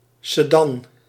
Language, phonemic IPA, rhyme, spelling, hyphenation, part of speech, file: Dutch, /səˈdɑn/, -ɑn, sedan, se‧dan, noun, Nl-sedan.ogg
- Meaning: sedan, saloon (car type)